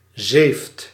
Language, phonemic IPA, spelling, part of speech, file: Dutch, /zeft/, zeeft, verb, Nl-zeeft.ogg
- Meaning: inflection of zeven: 1. second/third-person singular present indicative 2. plural imperative